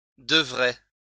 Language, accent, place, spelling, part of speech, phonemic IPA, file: French, France, Lyon, devrais, verb, /də.vʁɛ/, LL-Q150 (fra)-devrais.wav
- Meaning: first/second-person singular conditional of devoir